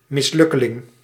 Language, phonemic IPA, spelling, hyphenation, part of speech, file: Dutch, /ˌmɪsˈlʏ.kə.lɪŋ/, mislukkeling, mis‧luk‧ke‧ling, noun, Nl-mislukkeling.ogg
- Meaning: failure, loser